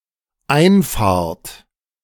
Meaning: second-person plural dependent present of einfahren
- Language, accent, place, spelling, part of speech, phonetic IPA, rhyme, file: German, Germany, Berlin, einfahrt, verb, [ˈaɪ̯nˌfaːɐ̯t], -aɪ̯nfaːɐ̯t, De-einfahrt.ogg